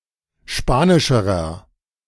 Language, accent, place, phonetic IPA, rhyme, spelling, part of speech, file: German, Germany, Berlin, [ˈʃpaːnɪʃəʁɐ], -aːnɪʃəʁɐ, spanischerer, adjective, De-spanischerer.ogg
- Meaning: inflection of spanisch: 1. strong/mixed nominative masculine singular comparative degree 2. strong genitive/dative feminine singular comparative degree 3. strong genitive plural comparative degree